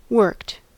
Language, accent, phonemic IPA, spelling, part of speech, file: English, US, /wɝkt/, worked, verb / adjective, En-us-worked.ogg
- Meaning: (verb) simple past and past participle of work; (adjective) 1. Designed or executed in a particular manner or to a particular degree 2. Wrought.: Processed in a particular way; prepared via labour